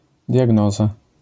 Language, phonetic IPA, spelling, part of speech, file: Polish, [dʲjaˈɡnɔza], diagnoza, noun, LL-Q809 (pol)-diagnoza.wav